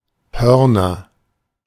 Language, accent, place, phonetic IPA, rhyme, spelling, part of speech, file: German, Germany, Berlin, [ˈhœʁnɐ], -œʁnɐ, Hörner, noun, De-Hörner.ogg
- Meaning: nominative/accusative/genitive plural of Horn